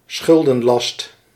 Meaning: debt burden, indebtedness
- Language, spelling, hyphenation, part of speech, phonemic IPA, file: Dutch, schuldenlast, schul‧den‧last, noun, /ˈsxʏl.də(n)ˌlɑst/, Nl-schuldenlast.ogg